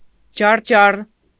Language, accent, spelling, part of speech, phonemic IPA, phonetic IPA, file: Armenian, Eastern Armenian, ջառջառ, noun, /d͡ʒɑrˈd͡ʒɑr/, [d͡ʒɑrd͡ʒɑ́r], Hy-ջառջառ.ogg
- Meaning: thresher, threshing sledge, an implement of wood in which there are revolving axles dragged along by beasts for crushing the corn